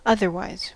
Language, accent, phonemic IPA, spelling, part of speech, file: English, US, /ˈʌð.ɚˌwaɪz/, otherwise, adverb / adjective, En-us-otherwise.ogg
- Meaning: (adverb) 1. Differently, in another way 2. In different circumstances; or else 3. In all other respects; apart from that; except for this; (adjective) Other than supposed; different